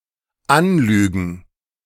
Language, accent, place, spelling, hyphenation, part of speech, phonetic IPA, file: German, Germany, Berlin, anlügen, an‧lü‧gen, verb, [ˈan.lyːɡn̩], De-anlügen.ogg
- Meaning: to lie to, to tell someone a lie, to tell someone lies